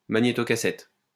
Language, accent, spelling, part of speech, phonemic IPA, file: French, France, magnétocassette, noun, /ma.ɲe.tɔ.ka.sɛt/, LL-Q150 (fra)-magnétocassette.wav
- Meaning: cassette deck / cassette recorder